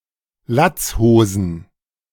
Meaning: plural of Latzhose
- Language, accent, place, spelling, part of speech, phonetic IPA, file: German, Germany, Berlin, Latzhosen, noun, [ˈlat͡sˌhoːzn̩], De-Latzhosen.ogg